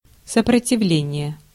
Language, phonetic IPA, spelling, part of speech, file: Russian, [səprətʲɪˈvlʲenʲɪje], сопротивление, noun, Ru-сопротивление.ogg
- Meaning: 1. resistance 2. (electrical) resistance 3. resistor